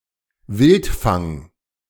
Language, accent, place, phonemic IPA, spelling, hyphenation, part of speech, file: German, Germany, Berlin, /ˈvɪltfaŋ/, Wildfang, Wild‧fang, noun, De-Wildfang.ogg
- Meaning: 1. a rambunctious child (of any gender, but since the 20th century especially a girl) 2. a tomboy